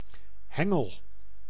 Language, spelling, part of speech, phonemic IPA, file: Dutch, hengel, noun / verb, /ˈhɛŋəl/, Nl-hengel.ogg
- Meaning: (noun) 1. fishing rod 2. common cow-wheat (Melampyrum pratense); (verb) inflection of hengelen: 1. first-person singular present indicative 2. second-person singular present indicative 3. imperative